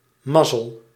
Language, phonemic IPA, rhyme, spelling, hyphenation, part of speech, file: Dutch, /ˈmɑ.zəl/, -ɑzəl, mazzel, maz‧zel, interjection / noun, Nl-mazzel.ogg
- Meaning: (interjection) alternative form of de mazzel; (noun) luck